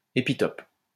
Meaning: epitope
- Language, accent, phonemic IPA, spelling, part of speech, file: French, France, /e.pi.tɔp/, épitope, noun, LL-Q150 (fra)-épitope.wav